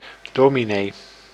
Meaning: minister, pastor in several Protestant denominations
- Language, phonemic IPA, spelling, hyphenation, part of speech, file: Dutch, /ˈdoːmineː/, dominee, do‧mi‧nee, noun, Nl-dominee.ogg